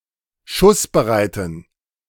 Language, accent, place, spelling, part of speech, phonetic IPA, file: German, Germany, Berlin, schussbereiten, adjective, [ˈʃʊsbəˌʁaɪ̯tn̩], De-schussbereiten.ogg
- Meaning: inflection of schussbereit: 1. strong genitive masculine/neuter singular 2. weak/mixed genitive/dative all-gender singular 3. strong/weak/mixed accusative masculine singular 4. strong dative plural